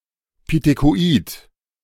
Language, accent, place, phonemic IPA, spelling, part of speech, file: German, Germany, Berlin, /pitekoˈʔiːt/, pithekoid, adjective, De-pithekoid.ogg
- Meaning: pithecoid